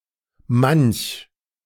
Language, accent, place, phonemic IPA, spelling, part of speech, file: German, Germany, Berlin, /manç/, manch, pronoun, De-manch.ogg
- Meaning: many a; many; some